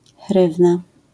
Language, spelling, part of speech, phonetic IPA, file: Polish, hrywna, noun, [ˈxrɨvna], LL-Q809 (pol)-hrywna.wav